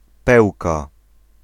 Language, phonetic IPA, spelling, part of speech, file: Polish, [ˈpɛwka], Pełka, proper noun, Pl-Pełka.ogg